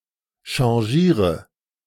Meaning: inflection of changieren: 1. first-person singular present 2. first/third-person singular subjunctive I 3. singular imperative
- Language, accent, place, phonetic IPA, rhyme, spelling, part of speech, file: German, Germany, Berlin, [ʃɑ̃ˈʒiːʁə], -iːʁə, changiere, verb, De-changiere.ogg